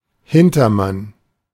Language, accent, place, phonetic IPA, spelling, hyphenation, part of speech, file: German, Germany, Berlin, [ˈhɪntɐˌman], Hintermann, Hin‧ter‧mann, noun / interjection, De-Hintermann.ogg
- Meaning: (noun) 1. one who is standing or sitting behind one 2. puppet master, mastermind, svengali, éminence grise